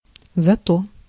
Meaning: however, on the other hand (introduces something considered good or positive)
- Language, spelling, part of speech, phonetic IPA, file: Russian, зато, adverb, [zɐˈto], Ru-зато.ogg